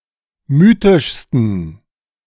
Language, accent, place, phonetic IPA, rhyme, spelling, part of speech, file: German, Germany, Berlin, [ˈmyːtɪʃstn̩], -yːtɪʃstn̩, mythischsten, adjective, De-mythischsten.ogg
- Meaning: 1. superlative degree of mythisch 2. inflection of mythisch: strong genitive masculine/neuter singular superlative degree